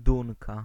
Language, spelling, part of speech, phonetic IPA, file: Polish, Dunka, noun, [ˈdũŋka], Pl-Dunka.ogg